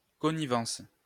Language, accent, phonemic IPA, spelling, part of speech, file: French, France, /kɔ.ni.vɑ̃s/, connivence, noun, LL-Q150 (fra)-connivence.wav
- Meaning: connivance